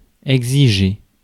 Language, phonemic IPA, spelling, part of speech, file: French, /ɛɡ.zi.ʒe/, exiger, verb, Fr-exiger.ogg
- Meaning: to demand, require